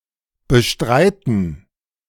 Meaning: 1. to deny (assert to be false) 2. to dispute, contest, controvert (oppose a proposition or call it into question by argument or assertion) 3. to pay for, to sustain financially
- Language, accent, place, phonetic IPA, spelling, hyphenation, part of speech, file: German, Germany, Berlin, [bəˈʃtʁaɪtn̩], bestreiten, be‧strei‧ten, verb, De-bestreiten.ogg